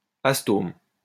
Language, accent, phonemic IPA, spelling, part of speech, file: French, France, /as.tom/, astome, adjective, LL-Q150 (fra)-astome.wav
- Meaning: astomatous